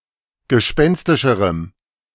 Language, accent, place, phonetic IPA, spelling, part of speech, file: German, Germany, Berlin, [ɡəˈʃpɛnstɪʃəʁəm], gespenstischerem, adjective, De-gespenstischerem.ogg
- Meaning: strong dative masculine/neuter singular comparative degree of gespenstisch